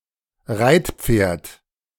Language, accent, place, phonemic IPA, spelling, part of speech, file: German, Germany, Berlin, /ˈʁaɪ̯tpfeːɐ̯t/, Reitpferd, noun, De-Reitpferd.ogg
- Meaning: riding horse